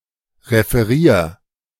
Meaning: 1. singular imperative of referieren 2. first-person singular present of referieren
- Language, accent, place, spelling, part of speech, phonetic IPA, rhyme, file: German, Germany, Berlin, referier, verb, [ʁefəˈʁiːɐ̯], -iːɐ̯, De-referier.ogg